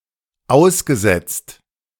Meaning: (verb) past participle of aussetzen; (adjective) 1. exposed 2. deferred, suspended 3. abandoned
- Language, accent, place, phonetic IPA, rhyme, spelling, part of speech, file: German, Germany, Berlin, [ˈaʊ̯sɡəˌzɛt͡st], -aʊ̯sɡəzɛt͡st, ausgesetzt, verb, De-ausgesetzt.ogg